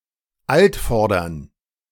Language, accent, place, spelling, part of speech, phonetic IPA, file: German, Germany, Berlin, Altvordern, noun, [ˈaltˌfɔʁdɐn], De-Altvordern.ogg
- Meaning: 1. genitive singular of Altvorderer 2. plural of Altvorderer